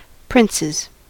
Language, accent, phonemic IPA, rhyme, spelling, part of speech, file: English, US, /ˈpɹɪnsɪz/, -ɪnsɪz, princes, noun / verb, En-us-princes.ogg
- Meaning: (noun) plural of prince; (verb) third-person singular simple present indicative of prince